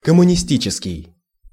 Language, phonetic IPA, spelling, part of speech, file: Russian, [kəmʊnʲɪˈsʲtʲit͡ɕɪskʲɪj], коммунистический, adjective, Ru-коммунистический.ogg
- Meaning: communist